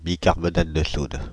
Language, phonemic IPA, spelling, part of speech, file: French, /bi.kaʁ.bɔ.nat də sud/, bicarbonate de soude, noun, Fr-bicarbonate de soude.ogg
- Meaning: baking soda, sodium bicarbonate